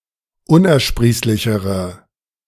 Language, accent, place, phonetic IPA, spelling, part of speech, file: German, Germany, Berlin, [ˈʊnʔɛɐ̯ˌʃpʁiːslɪçəʁə], unersprießlichere, adjective, De-unersprießlichere.ogg
- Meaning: inflection of unersprießlich: 1. strong/mixed nominative/accusative feminine singular comparative degree 2. strong nominative/accusative plural comparative degree